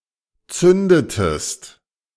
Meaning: inflection of zünden: 1. second-person singular preterite 2. second-person singular subjunctive II
- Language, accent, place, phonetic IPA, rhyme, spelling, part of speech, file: German, Germany, Berlin, [ˈt͡sʏndətəst], -ʏndətəst, zündetest, verb, De-zündetest.ogg